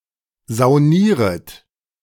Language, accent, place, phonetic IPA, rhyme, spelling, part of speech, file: German, Germany, Berlin, [zaʊ̯ˈniːʁət], -iːʁət, saunieret, verb, De-saunieret.ogg
- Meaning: second-person plural subjunctive I of saunieren